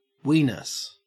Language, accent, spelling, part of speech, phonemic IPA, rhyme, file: English, Australia, wenis, noun, /ˈwiːnɪs/, -iːnɪs, En-au-wenis.ogg
- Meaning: 1. The skin on the outside of the elbow 2. The penis